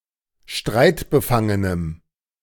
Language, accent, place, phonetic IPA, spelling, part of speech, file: German, Germany, Berlin, [ˈʃtʁaɪ̯tbəˌfaŋənəm], streitbefangenem, adjective, De-streitbefangenem.ogg
- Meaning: strong dative masculine/neuter singular of streitbefangen